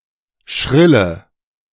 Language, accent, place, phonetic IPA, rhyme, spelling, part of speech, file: German, Germany, Berlin, [ˈʃʁɪlə], -ɪlə, schrille, verb / adjective, De-schrille.ogg
- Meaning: inflection of schrill: 1. strong/mixed nominative/accusative feminine singular 2. strong nominative/accusative plural 3. weak nominative all-gender singular 4. weak accusative feminine/neuter singular